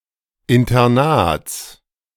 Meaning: genitive singular of Internat
- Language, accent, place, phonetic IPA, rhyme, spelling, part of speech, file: German, Germany, Berlin, [ɪntɐˈnaːt͡s], -aːt͡s, Internats, noun, De-Internats.ogg